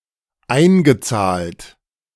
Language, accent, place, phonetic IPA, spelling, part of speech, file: German, Germany, Berlin, [ˈaɪ̯nɡəˌt͡saːlt], eingezahlt, verb, De-eingezahlt.ogg
- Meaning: past participle of einzahlen